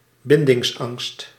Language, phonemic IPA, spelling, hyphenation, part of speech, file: Dutch, /ˈbɪn.dɪŋsˌɑŋst/, bindingsangst, bin‧dings‧angst, noun, Nl-bindingsangst.ogg
- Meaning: fear of commitment